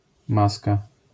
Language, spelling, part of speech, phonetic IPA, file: Polish, maska, noun, [ˈmaska], LL-Q809 (pol)-maska.wav